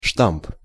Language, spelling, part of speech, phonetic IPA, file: Russian, штамп, noun, [ʂtamp], Ru-штамп.ogg
- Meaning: 1. stamp, rubber stamp, impress 2. die (tool for cutting or shaping material using a press) 3. stock phrase, cliche